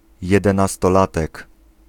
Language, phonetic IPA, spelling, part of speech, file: Polish, [ˌjɛdɛ̃nastɔˈlatɛk], jedenastolatek, noun, Pl-jedenastolatek.ogg